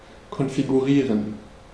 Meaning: to configure
- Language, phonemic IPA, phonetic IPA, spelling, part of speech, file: German, /kɔnfiɡuˈʁiːʁən/, [kʰɔnfiɡuʁiːɐ̯n], konfigurieren, verb, De-konfigurieren.ogg